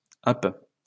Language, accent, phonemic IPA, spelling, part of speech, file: French, France, /ap/, happe, verb / noun, LL-Q150 (fra)-happe.wav
- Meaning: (verb) inflection of happer: 1. first/third-person singular present indicative/subjunctive 2. second-person singular imperative; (noun) 1. crampon 2. hook